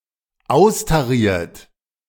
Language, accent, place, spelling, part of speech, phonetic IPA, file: German, Germany, Berlin, austariert, verb, [ˈaʊ̯staˌʁiːɐ̯t], De-austariert.ogg
- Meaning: 1. past participle of austarieren 2. inflection of austarieren: third-person singular dependent present 3. inflection of austarieren: second-person plural dependent present